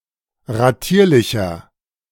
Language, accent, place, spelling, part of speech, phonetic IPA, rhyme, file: German, Germany, Berlin, ratierlicher, adjective, [ʁaˈtiːɐ̯lɪçɐ], -iːɐ̯lɪçɐ, De-ratierlicher.ogg
- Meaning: inflection of ratierlich: 1. strong/mixed nominative masculine singular 2. strong genitive/dative feminine singular 3. strong genitive plural